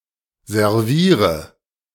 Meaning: inflection of servieren: 1. first-person singular present 2. first/third-person singular subjunctive I 3. singular imperative
- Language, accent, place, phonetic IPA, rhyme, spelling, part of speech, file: German, Germany, Berlin, [zɛʁˈviːʁə], -iːʁə, serviere, verb, De-serviere.ogg